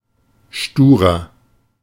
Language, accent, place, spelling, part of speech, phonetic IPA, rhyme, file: German, Germany, Berlin, sturer, adjective, [ˈʃtuːʁɐ], -uːʁɐ, De-sturer.ogg
- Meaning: 1. comparative degree of stur 2. inflection of stur: strong/mixed nominative masculine singular 3. inflection of stur: strong genitive/dative feminine singular